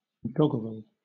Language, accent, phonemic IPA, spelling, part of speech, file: English, Southern England, /ˈdɒɡəɹəl/, doggerel, adjective / noun, LL-Q1860 (eng)-doggerel.wav
- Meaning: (adjective) Of a crude or irregular construction; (noun) 1. A comic or humorous verse, usually irregular in measure 2. Any writing of crude composition